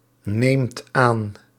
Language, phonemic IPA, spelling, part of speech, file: Dutch, /ˈnemt ˈan/, neemt aan, verb, Nl-neemt aan.ogg
- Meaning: inflection of aannemen: 1. second/third-person singular present indicative 2. plural imperative